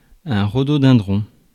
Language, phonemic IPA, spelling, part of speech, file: French, /ʁo.do.dɛ̃.dʁɔ̃/, rhododendron, noun, Fr-rhododendron.ogg
- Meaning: rhododendron